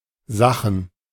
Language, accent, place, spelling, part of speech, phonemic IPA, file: German, Germany, Berlin, Sachen, noun, /ˈzaxn̩/, De-Sachen.ogg
- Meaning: plural of Sache